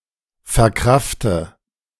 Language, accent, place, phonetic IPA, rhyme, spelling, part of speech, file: German, Germany, Berlin, [fɛɐ̯ˈkʁaftə], -aftə, verkrafte, verb, De-verkrafte.ogg
- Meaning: inflection of verkraften: 1. first-person singular present 2. first/third-person singular subjunctive I 3. singular imperative